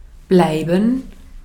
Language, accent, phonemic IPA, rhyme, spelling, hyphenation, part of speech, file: German, Austria, /ˈblaɪ̯bən/, -aɪ̯bən, bleiben, blei‧ben, verb, De-at-bleiben.ogg
- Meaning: 1. to remain (to continue to be) 2. to keep (on); to continue [with infinitive ‘doing something’] (see usage notes below) 3. to stay; to remain in a place 4. to be; to be stuck (implying tardiness)